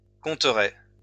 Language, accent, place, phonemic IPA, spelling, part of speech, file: French, France, Lyon, /kɔ̃.tʁɛ/, compteraient, verb, LL-Q150 (fra)-compteraient.wav
- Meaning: third-person plural conditional of compter